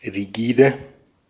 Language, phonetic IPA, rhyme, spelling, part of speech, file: German, [ʁiˈɡiːdə], -iːdə, rigide, adjective, De-at-rigide.ogg
- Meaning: rigid (uncompromising)